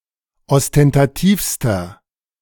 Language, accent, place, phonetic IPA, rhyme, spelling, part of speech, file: German, Germany, Berlin, [ɔstɛntaˈtiːfstɐ], -iːfstɐ, ostentativster, adjective, De-ostentativster.ogg
- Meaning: inflection of ostentativ: 1. strong/mixed nominative masculine singular superlative degree 2. strong genitive/dative feminine singular superlative degree 3. strong genitive plural superlative degree